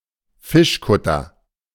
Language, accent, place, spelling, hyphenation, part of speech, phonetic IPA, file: German, Germany, Berlin, Fischkutter, Fisch‧kut‧ter, noun, [ˈfɪʃˌkʊtɐ], De-Fischkutter.ogg
- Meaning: fishing boat